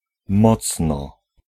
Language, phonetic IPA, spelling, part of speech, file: Polish, [ˈmɔt͡snɔ], mocno, adverb, Pl-mocno.ogg